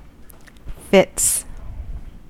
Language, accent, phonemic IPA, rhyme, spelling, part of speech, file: English, US, /fɪts/, -ɪts, fits, noun / verb, En-us-fits.ogg
- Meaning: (noun) plural of fit; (verb) third-person singular simple present indicative of fit